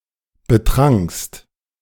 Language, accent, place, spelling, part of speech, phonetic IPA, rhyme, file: German, Germany, Berlin, betrankst, verb, [bəˈtʁaŋkst], -aŋkst, De-betrankst.ogg
- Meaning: second-person singular preterite of betrinken